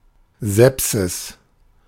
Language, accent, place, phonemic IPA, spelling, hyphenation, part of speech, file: German, Germany, Berlin, /ˈzɛpsɪs/, Sepsis, Sep‧sis, noun, De-Sepsis.ogg
- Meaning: sepsis